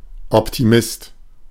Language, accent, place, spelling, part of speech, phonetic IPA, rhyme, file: German, Germany, Berlin, Optimist, noun, [ɔptiˈmɪst], -ɪst, De-Optimist.ogg
- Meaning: optimist